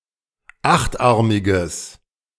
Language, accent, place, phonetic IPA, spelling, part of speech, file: German, Germany, Berlin, [ˈaxtˌʔaʁmɪɡəs], achtarmiges, adjective, De-achtarmiges.ogg
- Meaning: strong/mixed nominative/accusative neuter singular of achtarmig